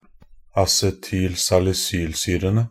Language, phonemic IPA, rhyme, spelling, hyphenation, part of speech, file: Norwegian Bokmål, /asɛtyːl.salɪˈsyːlsyːrənə/, -ənə, acetylsalisylsyrene, a‧ce‧tyl‧sal‧i‧syl‧sy‧re‧ne, noun, Nb-acetylsalisylsyrene.ogg
- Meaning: definite plural of acetylsalisylsyre